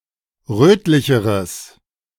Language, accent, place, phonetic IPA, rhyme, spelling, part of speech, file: German, Germany, Berlin, [ˈʁøːtlɪçəʁəs], -øːtlɪçəʁəs, rötlicheres, adjective, De-rötlicheres.ogg
- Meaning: strong/mixed nominative/accusative neuter singular comparative degree of rötlich